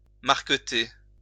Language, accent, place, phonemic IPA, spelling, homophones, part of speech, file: French, France, Lyon, /maʁ.kə.te/, marqueter, marketer, verb, LL-Q150 (fra)-marqueter.wav
- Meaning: to checker